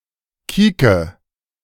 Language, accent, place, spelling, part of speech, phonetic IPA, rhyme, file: German, Germany, Berlin, kieke, verb, [ˈkiːkə], -iːkə, De-kieke.ogg
- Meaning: inflection of kieken: 1. first-person singular present 2. first/third-person singular subjunctive I 3. singular imperative